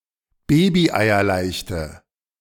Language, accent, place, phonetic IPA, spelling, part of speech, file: German, Germany, Berlin, [ˈbeːbiʔaɪ̯ɐˌlaɪ̯çtə], babyeierleichte, adjective, De-babyeierleichte.ogg
- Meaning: inflection of babyeierleicht: 1. strong/mixed nominative/accusative feminine singular 2. strong nominative/accusative plural 3. weak nominative all-gender singular